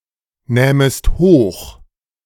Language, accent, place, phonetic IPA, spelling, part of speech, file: German, Germany, Berlin, [ˌnɛːməst ˈhoːx], nähmest hoch, verb, De-nähmest hoch.ogg
- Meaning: second-person singular subjunctive II of hochnehmen